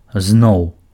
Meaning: again, anew
- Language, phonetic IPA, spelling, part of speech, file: Belarusian, [znou̯], зноў, adverb, Be-зноў.ogg